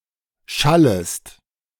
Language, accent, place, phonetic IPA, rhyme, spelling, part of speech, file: German, Germany, Berlin, [ˈʃaləst], -aləst, schallest, verb, De-schallest.ogg
- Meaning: second-person singular subjunctive I of schallen